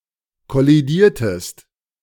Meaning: inflection of kollidieren: 1. second-person singular preterite 2. second-person singular subjunctive II
- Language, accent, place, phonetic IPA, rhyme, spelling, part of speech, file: German, Germany, Berlin, [kɔliˈdiːɐ̯təst], -iːɐ̯təst, kollidiertest, verb, De-kollidiertest.ogg